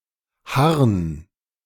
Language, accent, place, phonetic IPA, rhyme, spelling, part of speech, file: German, Germany, Berlin, [haʁn], -aʁn, harn, verb, De-harn.ogg
- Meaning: 1. singular imperative of harnen 2. first-person singular present of harnen